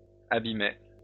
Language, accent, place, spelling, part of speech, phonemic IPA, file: French, France, Lyon, abîmai, verb, /a.bi.me/, LL-Q150 (fra)-abîmai.wav
- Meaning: first-person singular past historic of abîmer